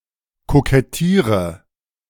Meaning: inflection of kokettieren: 1. first-person singular present 2. singular imperative 3. first/third-person singular subjunctive I
- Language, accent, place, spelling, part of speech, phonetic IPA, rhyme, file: German, Germany, Berlin, kokettiere, verb, [kokɛˈtiːʁə], -iːʁə, De-kokettiere.ogg